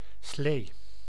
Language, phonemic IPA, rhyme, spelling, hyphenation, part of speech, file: Dutch, /sleː/, -eː, slee, slee, noun / adjective / verb, Nl-slee.ogg
- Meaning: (noun) 1. sled, sleigh, wheelless vehicle which glides on land or ice 2. a large/prestigious car 3. blackthorn (Prunus spinosa) 4. sloe (fruit of the blackthorn, Prunus spinosa)